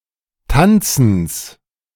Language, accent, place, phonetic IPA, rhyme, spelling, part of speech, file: German, Germany, Berlin, [ˈtant͡sn̩s], -ant͡sn̩s, Tanzens, noun, De-Tanzens.ogg
- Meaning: genitive of Tanzen